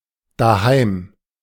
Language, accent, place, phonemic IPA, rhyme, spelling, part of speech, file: German, Germany, Berlin, /daˈhaɪ̯m/, -aɪ̯m, daheim, adverb, De-daheim.ogg
- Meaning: home, at home (adverb)